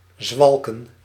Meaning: 1. to walk around, to walk about 2. to walk unsteadily and aimlessly, particularly of drunk people
- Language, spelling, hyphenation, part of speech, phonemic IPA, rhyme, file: Dutch, zwalken, zwal‧ken, verb, /ˈzʋɑl.kən/, -ɑlkən, Nl-zwalken.ogg